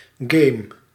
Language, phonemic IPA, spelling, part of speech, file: Dutch, /ɡeːm/, game, noun / verb, Nl-game.ogg
- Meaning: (noun) a video game, an electronic game; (verb) inflection of gamen: 1. first-person singular present indicative 2. second-person singular present indicative 3. imperative